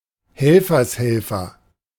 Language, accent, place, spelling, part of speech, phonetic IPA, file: German, Germany, Berlin, Helfershelfer, noun, [ˈhɛlfɐsˌhɛlfɐ], De-Helfershelfer.ogg
- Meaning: accessory; accomplice (to a crime)